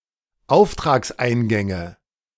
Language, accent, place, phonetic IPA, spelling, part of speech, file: German, Germany, Berlin, [ˈaʊ̯ftʁaːksˌʔaɪ̯nɡɛŋə], Auftragseingänge, noun, De-Auftragseingänge.ogg
- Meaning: nominative/accusative/genitive plural of Auftragseingang